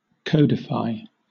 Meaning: 1. To reduce to a code, to arrange into a code 2. To collect and arrange in a systematic form 3. To enact as an official rule or law
- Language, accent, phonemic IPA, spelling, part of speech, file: English, Southern England, /ˈkəʊ.dɪˌfaɪ/, codify, verb, LL-Q1860 (eng)-codify.wav